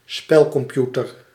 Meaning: a video game console, especially a non-portable one
- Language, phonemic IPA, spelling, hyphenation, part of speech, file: Dutch, /ˈspɛl.kɔmˌpju.tər/, spelcomputer, spel‧com‧pu‧ter, noun, Nl-spelcomputer.ogg